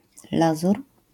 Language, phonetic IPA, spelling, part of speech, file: Polish, [ˈlazur], lazur, noun, LL-Q809 (pol)-lazur.wav